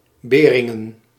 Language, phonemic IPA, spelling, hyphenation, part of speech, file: Dutch, /ˈbeː.rɪ.ŋə(n)/, Beringen, Be‧rin‧gen, proper noun, Nl-Beringen.ogg
- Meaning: 1. a city and municipality of Belgium 2. a town in Mersch canton, Luxembourg 3. a municipality of Schaffhausen canton, Switzerland